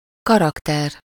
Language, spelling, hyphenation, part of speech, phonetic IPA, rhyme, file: Hungarian, karakter, ka‧rak‧ter, noun, [ˈkɒrɒktɛr], -ɛr, Hu-karakter.ogg
- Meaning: 1. character (a person's psychological characteristics) 2. character (a person with a distinctive personality) 3. character (strength of mind, moral strength)